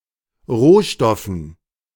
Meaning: dative plural of Rohstoff
- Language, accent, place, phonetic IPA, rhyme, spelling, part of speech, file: German, Germany, Berlin, [ˈʁoːˌʃtɔfn̩], -oːʃtɔfn̩, Rohstoffen, noun, De-Rohstoffen.ogg